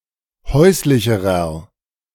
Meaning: inflection of häuslich: 1. strong/mixed nominative masculine singular comparative degree 2. strong genitive/dative feminine singular comparative degree 3. strong genitive plural comparative degree
- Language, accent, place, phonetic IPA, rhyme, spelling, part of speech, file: German, Germany, Berlin, [ˈhɔɪ̯slɪçəʁɐ], -ɔɪ̯slɪçəʁɐ, häuslicherer, adjective, De-häuslicherer.ogg